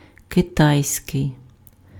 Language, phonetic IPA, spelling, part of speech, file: Ukrainian, [keˈtai̯sʲkei̯], китайський, adjective, Uk-китайський.ogg
- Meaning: Chinese